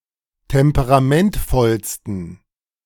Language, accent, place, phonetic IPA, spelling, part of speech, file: German, Germany, Berlin, [ˌtɛmpəʁaˈmɛntfɔlstn̩], temperamentvollsten, adjective, De-temperamentvollsten.ogg
- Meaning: 1. superlative degree of temperamentvoll 2. inflection of temperamentvoll: strong genitive masculine/neuter singular superlative degree